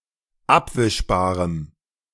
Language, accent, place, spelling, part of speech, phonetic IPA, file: German, Germany, Berlin, abwischbarem, adjective, [ˈapvɪʃbaːʁəm], De-abwischbarem.ogg
- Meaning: strong dative masculine/neuter singular of abwischbar